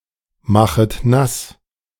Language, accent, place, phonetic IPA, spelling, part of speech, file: German, Germany, Berlin, [ˌmaxət ˈnas], machet nass, verb, De-machet nass.ogg
- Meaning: second-person plural subjunctive I of nassmachen